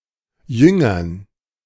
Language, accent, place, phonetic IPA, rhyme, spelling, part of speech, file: German, Germany, Berlin, [ˈjʏŋɐn], -ʏŋɐn, Jüngern, noun, De-Jüngern.ogg
- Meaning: dative plural of Jünger